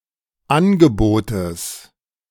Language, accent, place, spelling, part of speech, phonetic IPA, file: German, Germany, Berlin, Angebotes, noun, [ˈanɡəˌboːtəs], De-Angebotes.ogg
- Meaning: genitive singular of Angebot